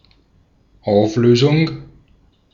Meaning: 1. resolution 2. dissolution 3. disbandment 4. abolishment 5. liquidation, clearance 6. solution 7. resolution (progression from dissonance to consonance) 8. marking as natural (♮)
- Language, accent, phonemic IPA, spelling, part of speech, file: German, Austria, /ˈaʊ̯f.løː.zʊŋ/, Auflösung, noun, De-at-Auflösung.ogg